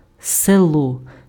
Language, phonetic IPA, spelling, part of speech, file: Ukrainian, [seˈɫɔ], село, noun, Uk-село.ogg
- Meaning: 1. village 2. country 3. rural area